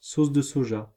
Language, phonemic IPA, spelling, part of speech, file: French, /sos də sɔ.ʒa/, sauce de soja, noun, Fr-sauce de soja.ogg
- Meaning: soy sauce (a condiment and ingredient made from fermented soybeans)